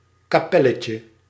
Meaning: diminutive of kapel
- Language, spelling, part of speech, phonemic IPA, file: Dutch, kapelletje, noun, /kaˈpɛləcə/, Nl-kapelletje.ogg